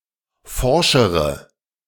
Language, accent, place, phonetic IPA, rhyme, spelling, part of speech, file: German, Germany, Berlin, [ˈfɔʁʃəʁə], -ɔʁʃəʁə, forschere, adjective, De-forschere.ogg
- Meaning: inflection of forsch: 1. strong/mixed nominative/accusative feminine singular comparative degree 2. strong nominative/accusative plural comparative degree